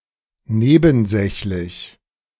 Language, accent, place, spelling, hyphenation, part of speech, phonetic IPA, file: German, Germany, Berlin, nebensächlich, ne‧ben‧säch‧lich, adjective, [ˈneːbn̩ˌzɛçlɪç], De-nebensächlich.ogg
- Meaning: irrelevant, unimportant, insignificant